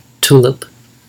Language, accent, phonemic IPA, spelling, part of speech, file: English, US, /ˈtulɪp/, tulip, noun, En-us-tulip.ogg
- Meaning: 1. A type of flowering plant, genus Tulipa 2. The flower of this plant